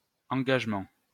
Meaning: 1. commitment 2. engagement
- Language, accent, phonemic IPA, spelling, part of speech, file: French, France, /ɑ̃.ɡaʒ.mɑ̃/, engagement, noun, LL-Q150 (fra)-engagement.wav